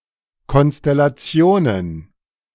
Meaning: plural of Konstellation
- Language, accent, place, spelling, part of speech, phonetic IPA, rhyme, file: German, Germany, Berlin, Konstellationen, noun, [ˌkɔnstɛlaˈt͡si̯oːnən], -oːnən, De-Konstellationen.ogg